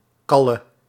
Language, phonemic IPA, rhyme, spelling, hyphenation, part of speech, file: Dutch, /ˈkɑlə/, -ɑlə, kalle, kal‧le, noun / verb, Nl-kalle.ogg
- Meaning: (noun) girl; lover; whore; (verb) singular present subjunctive of kallen